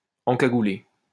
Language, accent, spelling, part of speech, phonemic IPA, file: French, France, encagoulé, adjective / verb, /ɑ̃.ka.ɡu.le/, LL-Q150 (fra)-encagoulé.wav
- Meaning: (adjective) wearing a balaclava; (verb) past participle of encagouler